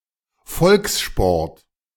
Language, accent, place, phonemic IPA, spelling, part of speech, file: German, Germany, Berlin, /ˈfɔlksˌʃpɔʁt/, Volkssport, noun, De-Volkssport.ogg
- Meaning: people's sport; volkssport